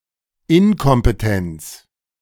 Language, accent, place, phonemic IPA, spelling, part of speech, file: German, Germany, Berlin, /ˈɪnkɔmpəˌtɛnt͡s/, Inkompetenz, noun, De-Inkompetenz.ogg
- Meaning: incompetence